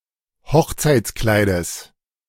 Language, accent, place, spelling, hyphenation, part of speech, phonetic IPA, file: German, Germany, Berlin, Hochzeitskleides, Hoch‧zeits‧klei‧des, noun, [ˈhɔxt͡saɪ̯t͡sˌklaɪ̯dəs], De-Hochzeitskleides.ogg
- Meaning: genitive singular of Hochzeitskleid